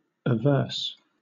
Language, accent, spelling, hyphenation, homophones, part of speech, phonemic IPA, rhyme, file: English, Southern England, averse, a‧verse, a verse, adjective / verb, /əˈvɜː(ɹ)s/, -ɜː(ɹ)s, LL-Q1860 (eng)-averse.wav
- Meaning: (adjective) 1. Having a repugnance or opposition of mind 2. Turned away or backward 3. Lying on the opposite side (to or from) 4. Aversant; of a hand: turned so as to show the back